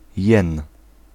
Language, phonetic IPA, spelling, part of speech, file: Polish, [jɛ̃n], jen, noun, Pl-jen.ogg